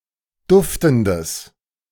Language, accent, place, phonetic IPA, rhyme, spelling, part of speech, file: German, Germany, Berlin, [ˈdʊftn̩dəs], -ʊftn̩dəs, duftendes, adjective, De-duftendes.ogg
- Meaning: strong/mixed nominative/accusative neuter singular of duftend